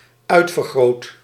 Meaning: 1. first/second/third-person singular dependent-clause present indicative of uitvergroten 2. past participle of uitvergroten
- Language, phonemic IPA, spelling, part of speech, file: Dutch, /ˈœy̯tfərˌɣroːt/, uitvergroot, verb, Nl-uitvergroot.ogg